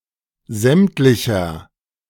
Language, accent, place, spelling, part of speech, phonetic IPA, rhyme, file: German, Germany, Berlin, sämtlicher, adjective, [ˈzɛmtlɪçɐ], -ɛmtlɪçɐ, De-sämtlicher.ogg
- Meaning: inflection of sämtlich: 1. strong/mixed nominative masculine singular 2. strong genitive/dative feminine singular 3. strong genitive plural